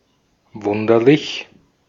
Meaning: quaint, bizarre, strange
- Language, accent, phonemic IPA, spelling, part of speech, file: German, Austria, /ˈvʊndɐlɪç/, wunderlich, adjective, De-at-wunderlich.ogg